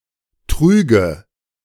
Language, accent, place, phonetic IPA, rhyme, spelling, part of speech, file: German, Germany, Berlin, [ˈtʁyːɡə], -yːɡə, trüge, verb, De-trüge.ogg
- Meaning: first/third-person singular subjunctive II of tragen